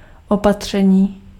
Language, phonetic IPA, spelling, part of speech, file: Czech, [ˈopatr̝̊ɛɲiː], opatření, noun, Cs-opatření.ogg
- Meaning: 1. verbal noun of opatřit 2. measure (tactic, strategy or piece of legislation)